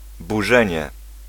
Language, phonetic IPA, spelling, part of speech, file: Polish, [buˈʒɛ̃ɲɛ], burzenie, noun, Pl-burzenie.ogg